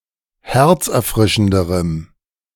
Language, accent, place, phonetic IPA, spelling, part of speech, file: German, Germany, Berlin, [ˈhɛʁt͡sʔɛɐ̯ˌfʁɪʃn̩dəʁəm], herzerfrischenderem, adjective, De-herzerfrischenderem.ogg
- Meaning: strong dative masculine/neuter singular comparative degree of herzerfrischend